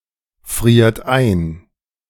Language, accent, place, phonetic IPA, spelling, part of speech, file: German, Germany, Berlin, [ˌfʁiːɐ̯t ˈaɪ̯n], friert ein, verb, De-friert ein.ogg
- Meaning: inflection of einfrieren: 1. third-person singular present 2. second-person plural present 3. plural imperative